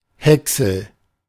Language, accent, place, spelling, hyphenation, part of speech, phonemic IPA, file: German, Germany, Berlin, Häcksel, Häck‧sel, noun, /ˈhɛksl̩/, De-Häcksel.ogg
- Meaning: chaff, chopped straw